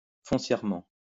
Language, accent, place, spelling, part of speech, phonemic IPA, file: French, France, Lyon, foncièrement, adverb, /fɔ̃.sjɛʁ.mɑ̃/, LL-Q150 (fra)-foncièrement.wav
- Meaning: fundamentally; at heart